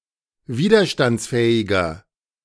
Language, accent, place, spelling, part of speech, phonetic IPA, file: German, Germany, Berlin, widerstandsfähiger, adjective, [ˈviːdɐʃtant͡sˌfɛːɪɡɐ], De-widerstandsfähiger.ogg
- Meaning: 1. comparative degree of widerstandsfähig 2. inflection of widerstandsfähig: strong/mixed nominative masculine singular 3. inflection of widerstandsfähig: strong genitive/dative feminine singular